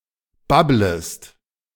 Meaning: second-person singular subjunctive I of babbeln
- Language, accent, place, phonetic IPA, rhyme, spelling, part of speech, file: German, Germany, Berlin, [ˈbabləst], -abləst, babblest, verb, De-babblest.ogg